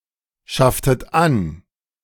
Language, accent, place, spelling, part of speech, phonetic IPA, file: German, Germany, Berlin, schafftet an, verb, [ˌʃaftət ˈan], De-schafftet an.ogg
- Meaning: inflection of anschaffen: 1. second-person plural preterite 2. second-person plural subjunctive II